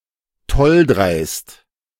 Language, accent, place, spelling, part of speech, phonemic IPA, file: German, Germany, Berlin, tolldreist, adjective, /ˈtɔlˌdʁaɪ̯st/, De-tolldreist.ogg
- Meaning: brazen, bold as brass